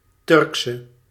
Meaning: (noun) a female Turk; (adjective) inflection of Turks: 1. masculine/feminine singular attributive 2. definite neuter singular attributive 3. plural attributive
- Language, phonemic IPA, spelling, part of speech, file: Dutch, /ˈtʏrksə/, Turkse, noun / adjective, Nl-Turkse.ogg